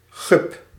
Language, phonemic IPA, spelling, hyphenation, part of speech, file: Dutch, /ɣʏp/, gup, gup, noun, Nl-gup.ogg
- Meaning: 1. guppy (freshwater fish of the species Poecilia reticulata) 2. any small fish 3. anything small